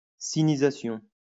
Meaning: sinicization (process of sinicising)
- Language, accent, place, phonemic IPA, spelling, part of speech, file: French, France, Lyon, /si.ni.za.sjɔ̃/, sinisation, noun, LL-Q150 (fra)-sinisation.wav